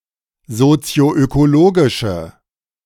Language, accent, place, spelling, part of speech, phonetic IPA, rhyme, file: German, Germany, Berlin, sozioökologische, adjective, [zot͡si̯oʔøkoˈloːɡɪʃə], -oːɡɪʃə, De-sozioökologische.ogg
- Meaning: inflection of sozioökologisch: 1. strong/mixed nominative/accusative feminine singular 2. strong nominative/accusative plural 3. weak nominative all-gender singular